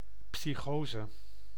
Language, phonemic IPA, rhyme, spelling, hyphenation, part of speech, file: Dutch, /ˌpsiˈxoː.zə/, -oːzə, psychose, psy‧cho‧se, noun, Nl-psychose.ogg
- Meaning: psychosis